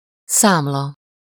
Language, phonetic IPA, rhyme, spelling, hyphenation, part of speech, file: Hungarian, [ˈsaːmlɒ], -lɒ, számla, szám‧la, noun, Hu-számla.ogg